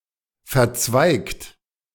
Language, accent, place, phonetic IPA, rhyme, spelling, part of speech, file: German, Germany, Berlin, [fɛɐ̯ˈt͡svaɪ̯kt], -aɪ̯kt, verzweigt, adjective / verb, De-verzweigt.ogg
- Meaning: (verb) past participle of verzweigen; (adjective) 1. branched 2. brachiate, dendritic